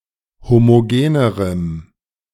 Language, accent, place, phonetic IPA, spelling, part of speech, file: German, Germany, Berlin, [ˌhomoˈɡeːnəʁəm], homogenerem, adjective, De-homogenerem.ogg
- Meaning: strong dative masculine/neuter singular comparative degree of homogen